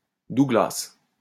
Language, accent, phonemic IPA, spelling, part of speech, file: French, France, /du.ɡlas/, Douglas, proper noun, LL-Q150 (fra)-Douglas.wav
- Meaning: Douglas (the capital city of the Isle of Man, United Kingdom)